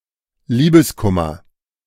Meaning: lovesickness
- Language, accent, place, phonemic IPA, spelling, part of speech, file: German, Germany, Berlin, /ˈliːbəsˌkʊmɐ/, Liebeskummer, noun, De-Liebeskummer.ogg